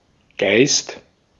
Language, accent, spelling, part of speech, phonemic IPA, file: German, Austria, Geist, noun, /ɡaɪ̯st/, De-at-Geist.ogg
- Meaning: 1. spirit 2. the Holy Spirit; Holy Ghost 3. essence 4. mind, wit 5. ghost; spook 6. spook 7. an alcoholic drink; a spirit